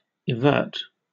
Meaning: 1. To turn inside out (like a pocket being emptied) or outwards 2. To move (someone or something) out of the way 3. To turn upside down; to overturn 4. To disrupt; to overthrow
- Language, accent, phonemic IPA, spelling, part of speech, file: English, UK, /ɪˈvɜːt/, evert, verb, En-uk-evert.oga